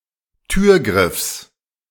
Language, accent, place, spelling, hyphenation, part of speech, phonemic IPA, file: German, Germany, Berlin, Türgriffs, Tür‧griffs, noun, /ˈtyːɐ̯ˌɡʁɪfs/, De-Türgriffs.ogg
- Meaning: genitive singular of Türgriff